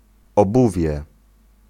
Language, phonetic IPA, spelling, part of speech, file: Polish, [ɔˈbuvʲjɛ], obuwie, noun, Pl-obuwie.ogg